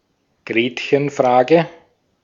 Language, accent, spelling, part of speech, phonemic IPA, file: German, Austria, Gretchenfrage, noun, /ˈɡʁeːtçənˌfʁaːɡə/, De-at-Gretchenfrage.ogg
- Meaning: 1. a question as to the addressee's religiosity or belief in God 2. a question that goes to the core of an issue, especially by exposing fundamental conflicts